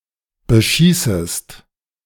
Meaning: second-person singular subjunctive I of beschießen
- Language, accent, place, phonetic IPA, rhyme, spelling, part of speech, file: German, Germany, Berlin, [bəˈʃiːsəst], -iːsəst, beschießest, verb, De-beschießest.ogg